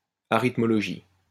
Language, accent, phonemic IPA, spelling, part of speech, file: French, France, /a.ʁit.mɔ.lɔ.ʒi/, arithmologie, noun, LL-Q150 (fra)-arithmologie.wav
- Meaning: arithmology